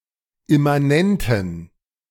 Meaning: inflection of immanent: 1. strong genitive masculine/neuter singular 2. weak/mixed genitive/dative all-gender singular 3. strong/weak/mixed accusative masculine singular 4. strong dative plural
- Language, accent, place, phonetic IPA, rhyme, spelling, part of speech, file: German, Germany, Berlin, [ɪmaˈnɛntn̩], -ɛntn̩, immanenten, adjective, De-immanenten.ogg